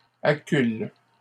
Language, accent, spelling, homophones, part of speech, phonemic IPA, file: French, Canada, acculent, accule / accules, verb, /a.kyl/, LL-Q150 (fra)-acculent.wav
- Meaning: third-person plural present indicative/subjunctive of acculer